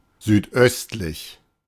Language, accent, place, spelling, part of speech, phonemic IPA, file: German, Germany, Berlin, südöstlich, adjective, /ˌzyːtˈʔœstlɪç/, De-südöstlich.ogg
- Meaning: southeastern; southeasterly